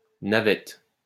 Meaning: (noun) 1. shuttle (in weaving) 2. shuttle (land vehicle) 3. shuttle (space vehicle) 4. incense boat 5. a kind of biscuit from Marseille, flavoured with orange blossom
- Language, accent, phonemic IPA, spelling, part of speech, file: French, France, /na.vɛt/, navette, noun / verb, LL-Q150 (fra)-navette.wav